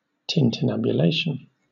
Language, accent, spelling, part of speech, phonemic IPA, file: English, Southern England, tintinnabulation, noun, /ˌtɪntɪnˌnæbjʊˈleɪʃən/, LL-Q1860 (eng)-tintinnabulation.wav
- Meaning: 1. A tinkling sound, as of a bell or of breaking glass 2. The ringing of bells